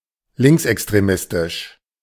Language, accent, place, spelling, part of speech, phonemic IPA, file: German, Germany, Berlin, linksextremistisch, adjective, /ˈlɪŋksʔɛkstʁeˌmɪstɪʃ/, De-linksextremistisch.ogg
- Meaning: extreme far left